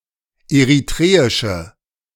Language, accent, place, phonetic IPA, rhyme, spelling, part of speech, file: German, Germany, Berlin, [eʁiˈtʁeːɪʃə], -eːɪʃə, eritreische, adjective, De-eritreische.ogg
- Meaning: inflection of eritreisch: 1. strong/mixed nominative/accusative feminine singular 2. strong nominative/accusative plural 3. weak nominative all-gender singular